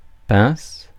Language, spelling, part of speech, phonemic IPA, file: French, pince, noun / verb, /pɛ̃s/, Fr-pince.ogg
- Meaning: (noun) 1. pincer, claw 2. pliers 3. tongs 4. crowbar; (verb) inflection of pincer: 1. first/third-person singular present indicative/subjunctive 2. second-person singular imperative